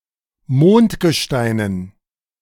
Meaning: dative plural of Mondgestein
- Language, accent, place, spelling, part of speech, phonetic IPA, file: German, Germany, Berlin, Mondgesteinen, noun, [ˈmoːntɡəˌʃtaɪ̯nən], De-Mondgesteinen.ogg